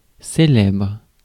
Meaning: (adjective) famous; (verb) inflection of célébrer: 1. first/third-person singular present indicative/subjunctive 2. second-person singular imperative
- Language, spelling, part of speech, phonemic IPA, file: French, célèbre, adjective / verb, /se.lɛbʁ/, Fr-célèbre.ogg